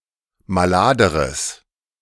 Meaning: strong/mixed nominative/accusative neuter singular comparative degree of malad
- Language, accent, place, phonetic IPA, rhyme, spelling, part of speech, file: German, Germany, Berlin, [maˈlaːdəʁəs], -aːdəʁəs, maladeres, adjective, De-maladeres.ogg